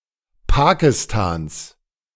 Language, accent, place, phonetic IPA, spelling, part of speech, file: German, Germany, Berlin, [ˈpaːkɪstaːns], Pakistans, noun, De-Pakistans.ogg
- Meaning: genitive singular of Pakistan